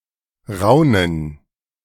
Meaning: gerund of raunen; murmur
- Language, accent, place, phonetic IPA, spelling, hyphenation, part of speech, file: German, Germany, Berlin, [ˈʁaʊ̯nən], Raunen, Rau‧nen, noun, De-Raunen.ogg